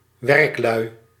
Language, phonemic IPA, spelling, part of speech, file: Dutch, /ˈwɛrᵊkˌlœy/, werklui, noun, Nl-werklui.ogg
- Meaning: plural of werkman